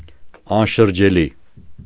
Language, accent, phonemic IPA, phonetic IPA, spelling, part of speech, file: Armenian, Eastern Armenian, /ɑnʃəɾd͡ʒeˈli/, [ɑnʃəɾd͡ʒelí], անշրջելի, adjective, Hy-անշրջելի.ogg
- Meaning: irreversible